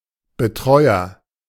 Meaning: 1. guardian, caretaker 2. carer, helper, nurse
- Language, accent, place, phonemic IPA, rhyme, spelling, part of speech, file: German, Germany, Berlin, /bəˈtʁɔɪ̯ɐ/, -ɔɪ̯ɐ, Betreuer, noun, De-Betreuer.ogg